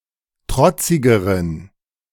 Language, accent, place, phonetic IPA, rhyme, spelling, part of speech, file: German, Germany, Berlin, [ˈtʁɔt͡sɪɡəʁən], -ɔt͡sɪɡəʁən, trotzigeren, adjective, De-trotzigeren.ogg
- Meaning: inflection of trotzig: 1. strong genitive masculine/neuter singular comparative degree 2. weak/mixed genitive/dative all-gender singular comparative degree